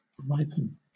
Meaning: 1. Of grain, fruit, flowers, etc., to grow ripe; to become mature 2. To approach or come to perfection 3. To cause (something) to mature; to make ripe
- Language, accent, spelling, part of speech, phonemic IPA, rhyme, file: English, Southern England, ripen, verb, /ˈɹaɪpən/, -aɪpən, LL-Q1860 (eng)-ripen.wav